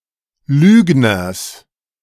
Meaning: genitive singular of Lügner
- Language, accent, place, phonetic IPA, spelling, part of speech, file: German, Germany, Berlin, [ˈlyːɡnɐs], Lügners, noun, De-Lügners.ogg